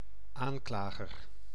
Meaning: 1. accuser 2. prosecutor 3. a word in the accusative case
- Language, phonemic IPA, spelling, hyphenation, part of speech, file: Dutch, /ˈaːnˌklaː.ɣər/, aanklager, aan‧kla‧ger, noun, Nl-aanklager.ogg